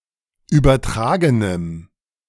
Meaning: strong dative masculine/neuter singular of übertragen
- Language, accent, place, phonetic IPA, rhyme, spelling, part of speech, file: German, Germany, Berlin, [ˌyːbɐˈtʁaːɡənəm], -aːɡənəm, übertragenem, adjective, De-übertragenem.ogg